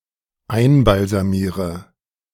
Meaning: inflection of einbalsamieren: 1. first-person singular dependent present 2. first/third-person singular dependent subjunctive I
- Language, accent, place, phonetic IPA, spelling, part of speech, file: German, Germany, Berlin, [ˈaɪ̯nbalzaˌmiːʁə], einbalsamiere, verb, De-einbalsamiere.ogg